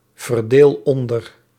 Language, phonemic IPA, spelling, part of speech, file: Dutch, /vərˈdel ˈɔndər/, verdeel onder, verb, Nl-verdeel onder.ogg
- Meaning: inflection of onderverdelen: 1. first-person singular present indicative 2. second-person singular present indicative 3. imperative